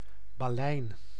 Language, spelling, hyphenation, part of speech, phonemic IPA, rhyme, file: Dutch, balein, ba‧lein, noun, /baːˈlɛi̯n/, -ɛi̯n, Nl-balein.ogg
- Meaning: 1. baleen 2. a whalebone; a baleen 3. a spoke that reinforces an umbrella or parasol (in the past often made of baleen)